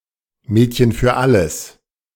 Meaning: a person of either sex who has a wide variety of abilities and does odd jobs; a handyman; a jack-of-all-trades
- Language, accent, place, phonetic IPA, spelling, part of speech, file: German, Germany, Berlin, [ˈmɛːtçən fyːɐ̯ ˈaləs], Mädchen für alles, phrase, De-Mädchen für alles.ogg